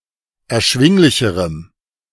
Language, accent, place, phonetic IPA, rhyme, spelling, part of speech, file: German, Germany, Berlin, [ɛɐ̯ˈʃvɪŋlɪçəʁəm], -ɪŋlɪçəʁəm, erschwinglicherem, adjective, De-erschwinglicherem.ogg
- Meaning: strong dative masculine/neuter singular comparative degree of erschwinglich